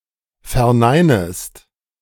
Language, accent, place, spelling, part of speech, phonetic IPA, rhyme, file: German, Germany, Berlin, verneinest, verb, [fɛɐ̯ˈnaɪ̯nəst], -aɪ̯nəst, De-verneinest.ogg
- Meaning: second-person singular subjunctive I of verneinen